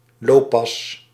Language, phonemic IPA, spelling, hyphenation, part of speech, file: Dutch, /ˈloː.pɑs/, looppas, loop‧pas, noun, Nl-looppas.ogg
- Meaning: the double, a pace at running speed, similar to the double-quick